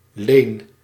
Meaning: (noun) 1. fief, feudal estate 2. loan; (verb) inflection of lenen: 1. first-person singular present indicative 2. second-person singular present indicative 3. imperative
- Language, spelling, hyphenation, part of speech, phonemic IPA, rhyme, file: Dutch, leen, leen, noun / verb, /leːn/, -eːn, Nl-leen.ogg